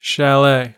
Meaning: An alpine style of wooden building with a sloping roof and overhanging eaves
- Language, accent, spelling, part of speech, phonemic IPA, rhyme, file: English, US, chalet, noun, /ˈʃæleɪ/, -eɪ, En-us-chalet.ogg